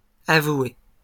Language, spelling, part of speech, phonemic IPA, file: French, avoués, verb, /a.vwe/, LL-Q150 (fra)-avoués.wav
- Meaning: masculine plural of avoué